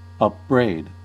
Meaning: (verb) 1. To criticize severely 2. To charge with something wrong or disgraceful; to reproach 3. To treat with contempt 4. To object or urge as a matter of reproach 5. To utter upbraidings
- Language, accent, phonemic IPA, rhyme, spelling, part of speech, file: English, US, /ˌʌpˈbɹeɪd/, -eɪd, upbraid, verb / noun, En-us-upbraid.ogg